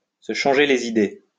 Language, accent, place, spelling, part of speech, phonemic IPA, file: French, France, Lyon, se changer les idées, verb, /sə ʃɑ̃.ʒe le i.de/, LL-Q150 (fra)-se changer les idées.wav
- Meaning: to start a new activity in order to change one's state of mind, to take a break from doing something boring or to escape from a displeasing situation